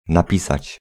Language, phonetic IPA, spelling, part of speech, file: Polish, [naˈpʲisat͡ɕ], napisać, verb, Pl-napisać.ogg